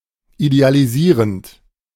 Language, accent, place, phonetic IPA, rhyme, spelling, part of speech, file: German, Germany, Berlin, [idealiˈziːʁənt], -iːʁənt, idealisierend, verb, De-idealisierend.ogg
- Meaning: present participle of idealisieren